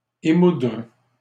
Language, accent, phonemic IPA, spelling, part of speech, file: French, Canada, /e.mudʁ/, émoudre, verb, LL-Q150 (fra)-émoudre.wav
- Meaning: to sharpen on a grindstone